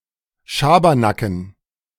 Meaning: dative plural of Schabernack
- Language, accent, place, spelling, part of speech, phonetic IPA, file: German, Germany, Berlin, Schabernacken, noun, [ˈʃaːbɐnakn̩], De-Schabernacken.ogg